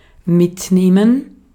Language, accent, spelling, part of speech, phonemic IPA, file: German, Austria, mitnehmen, verb, /ˈmɪtˌneːmɛn/, De-at-mitnehmen.ogg
- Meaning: 1. to take with; to carry along 2. to pick up; to keep 3. to take away 4. to damage something; to drain or hurt someone (physically or emotionally)